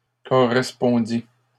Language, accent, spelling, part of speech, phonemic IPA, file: French, Canada, correspondis, verb, /kɔ.ʁɛs.pɔ̃.di/, LL-Q150 (fra)-correspondis.wav
- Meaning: first/second-person singular past historic of correspondre